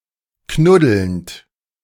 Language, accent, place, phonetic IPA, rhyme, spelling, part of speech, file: German, Germany, Berlin, [ˈknʊdl̩nt], -ʊdl̩nt, knuddelnd, verb, De-knuddelnd.ogg
- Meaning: present participle of knuddeln